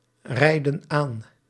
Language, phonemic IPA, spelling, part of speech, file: Dutch, /ˈrɛidə(n) ˈan/, rijden aan, verb, Nl-rijden aan.ogg
- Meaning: inflection of aanrijden: 1. plural present indicative 2. plural present subjunctive